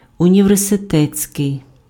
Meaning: university
- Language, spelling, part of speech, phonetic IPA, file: Ukrainian, університетський, adjective, [ʊnʲiʋerseˈtɛt͡sʲkei̯], Uk-університетський.ogg